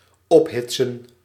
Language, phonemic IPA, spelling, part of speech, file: Dutch, /ˈɔpɦɪtsə(n)/, ophitsen, verb, Nl-ophitsen.ogg
- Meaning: to egg on, to stir up, to provoke, to incite